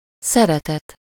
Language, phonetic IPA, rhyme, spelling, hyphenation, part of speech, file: Hungarian, [ˈsɛrɛtɛt], -ɛt, szeretet, sze‧re‧tet, noun, Hu-szeretet.ogg
- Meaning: affection, love